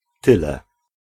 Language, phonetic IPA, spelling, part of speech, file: Polish, [ˈtɨlɛ], tyle, pronoun, Pl-tyle.ogg